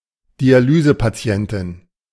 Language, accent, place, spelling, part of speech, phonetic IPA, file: German, Germany, Berlin, Dialysepatientin, noun, [diaˈlyːzəpaˌt͡si̯ɛntɪn], De-Dialysepatientin.ogg
- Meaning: female equivalent of Dialysepatient (“dialysis patient”)